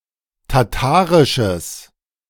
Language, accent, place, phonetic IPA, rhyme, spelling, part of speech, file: German, Germany, Berlin, [taˈtaːʁɪʃəs], -aːʁɪʃəs, tatarisches, adjective, De-tatarisches.ogg
- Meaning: strong/mixed nominative/accusative neuter singular of tatarisch